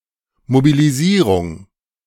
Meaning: mobilization
- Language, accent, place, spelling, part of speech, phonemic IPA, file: German, Germany, Berlin, Mobilisierung, noun, /mobiliˈziːʁʊŋ/, De-Mobilisierung.ogg